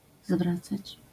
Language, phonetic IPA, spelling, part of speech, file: Polish, [ˈzvrat͡sat͡ɕ], zwracać, verb, LL-Q809 (pol)-zwracać.wav